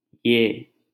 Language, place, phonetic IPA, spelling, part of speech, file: Hindi, Delhi, [jɛʱ], यह, pronoun / determiner, LL-Q1568 (hin)-यह.wav
- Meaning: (pronoun) this one; he; she; it (proximal third person singular personal pronoun); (determiner) this